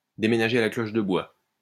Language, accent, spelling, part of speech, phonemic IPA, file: French, France, déménager à la cloche de bois, verb, /de.me.na.ʒe a la klɔʃ də bwa/, LL-Q150 (fra)-déménager à la cloche de bois.wav